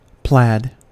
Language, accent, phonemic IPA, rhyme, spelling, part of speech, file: English, US, /plæd/, -æd, plaid, noun / adjective, En-us-plaid.ogg
- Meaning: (noun) A type of twilled woollen cloth, often with a tartan or chequered pattern